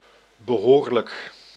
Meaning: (adjective) reasonable, fitting, proper; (adverb) quite
- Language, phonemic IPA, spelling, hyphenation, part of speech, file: Dutch, /bəˈɦoːr.lək/, behoorlijk, be‧hoor‧lijk, adjective / adverb, Nl-behoorlijk.ogg